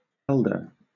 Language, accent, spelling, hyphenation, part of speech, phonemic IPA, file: English, Southern England, elder, el‧der, adjective / noun / verb, /ˈɛldə/, LL-Q1860 (eng)-elder.wav
- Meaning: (adjective) 1. comparative degree of old: older, greater than another in age or seniority 2. Closer to the dealer, i.e. receiving cards earlier than others